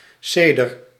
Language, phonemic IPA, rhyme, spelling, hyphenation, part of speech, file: Dutch, /ˈseː.dər/, -eːdər, ceder, ce‧der, noun, Nl-ceder.ogg
- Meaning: 1. cedar, tree of the genus Cedrus 2. Spanish cedar (Cedrela odorata)